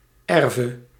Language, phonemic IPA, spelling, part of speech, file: Dutch, /ˈɛrvə/, erve, noun / verb, Nl-erve.ogg
- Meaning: singular present subjunctive of erven